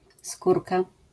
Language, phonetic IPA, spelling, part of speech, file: Polish, [ˈskurka], skórka, noun, LL-Q809 (pol)-skórka.wav